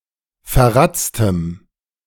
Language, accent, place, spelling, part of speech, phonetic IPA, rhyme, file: German, Germany, Berlin, verratztem, adjective, [fɛɐ̯ˈʁat͡stəm], -at͡stəm, De-verratztem.ogg
- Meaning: strong dative masculine/neuter singular of verratzt